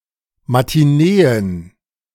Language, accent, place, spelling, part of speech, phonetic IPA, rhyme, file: German, Germany, Berlin, Matineen, noun, [matiˈneːən], -eːən, De-Matineen.ogg
- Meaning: plural of Matinee